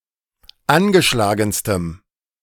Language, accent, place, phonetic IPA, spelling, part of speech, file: German, Germany, Berlin, [ˈanɡəˌʃlaːɡn̩stəm], angeschlagenstem, adjective, De-angeschlagenstem.ogg
- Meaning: strong dative masculine/neuter singular superlative degree of angeschlagen